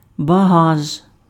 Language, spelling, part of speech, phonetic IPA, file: Ukrainian, багаж, noun, [bɐˈɦaʒ], Uk-багаж.ogg
- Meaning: luggage, baggage